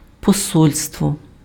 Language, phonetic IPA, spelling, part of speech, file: Ukrainian, [pɔˈsɔlʲstwɔ], посольство, noun, Uk-посольство.ogg
- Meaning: embassy